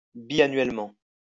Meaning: biennially
- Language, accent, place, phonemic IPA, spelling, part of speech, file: French, France, Lyon, /bi.a.nɥɛl.mɑ̃/, biannuellement, adverb, LL-Q150 (fra)-biannuellement.wav